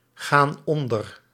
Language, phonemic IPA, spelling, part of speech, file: Dutch, /ˈɣan ˈɔndər/, gaan onder, verb, Nl-gaan onder.ogg
- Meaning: inflection of ondergaan: 1. plural present indicative 2. plural present subjunctive